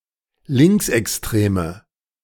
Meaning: inflection of linksextrem: 1. strong/mixed nominative/accusative feminine singular 2. strong nominative/accusative plural 3. weak nominative all-gender singular
- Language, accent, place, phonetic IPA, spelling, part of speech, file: German, Germany, Berlin, [ˈlɪŋksʔɛksˌtʁeːmə], linksextreme, adjective, De-linksextreme.ogg